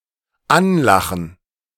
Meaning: 1. to look at someone with a laugh 2. to pick as a crony, to partner
- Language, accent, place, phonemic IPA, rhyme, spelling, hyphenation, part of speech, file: German, Germany, Berlin, /ˈanˌlaxn̩/, -axn̩, anlachen, an‧la‧chen, verb, De-anlachen.ogg